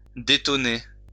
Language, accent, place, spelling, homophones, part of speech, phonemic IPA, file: French, France, Lyon, détoner, détonner, verb, /de.tɔ.ne/, LL-Q150 (fra)-détoner.wav
- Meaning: to detonate